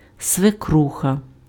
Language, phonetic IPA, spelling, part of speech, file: Ukrainian, [sʋeˈkruxɐ], свекруха, noun, Uk-свекруха.ogg
- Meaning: a woman’s mother-in-law (husband’s mother only)